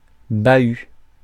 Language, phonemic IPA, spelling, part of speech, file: French, /ba.y/, bahut, noun, Fr-bahut.ogg
- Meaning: 1. chest; sideboard 2. school 3. lorry, truck; (taxi) cab